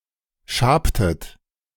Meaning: inflection of schaben: 1. second-person plural preterite 2. second-person plural subjunctive II
- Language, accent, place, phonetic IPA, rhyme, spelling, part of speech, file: German, Germany, Berlin, [ˈʃaːptət], -aːptət, schabtet, verb, De-schabtet.ogg